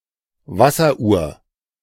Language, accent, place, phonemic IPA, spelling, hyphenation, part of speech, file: German, Germany, Berlin, /ˈvasɐˌʔuːɐ̯/, Wasseruhr, Was‧ser‧uhr, noun, De-Wasseruhr.ogg
- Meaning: 1. water meter (device used to measure the volume of water usage) 2. water clock, clepsydra (device for measuring time by letting water flow out of a container)